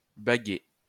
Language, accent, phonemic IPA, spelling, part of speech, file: French, France, /ba.ɡe/, baguer, verb, LL-Q150 (fra)-baguer.wav
- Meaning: 1. to ring, tag, band (attach a tag or ring, e.g. to a bird, for tracking) 2. to collar